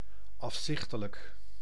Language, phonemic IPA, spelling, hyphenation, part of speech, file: Dutch, /ɑfˈsɪxtələk/, afzichtelijk, af‧zich‧te‧lijk, adjective / adverb, Nl-afzichtelijk.ogg
- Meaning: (adjective) hideous, repulsive; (adverb) heinously, repulsively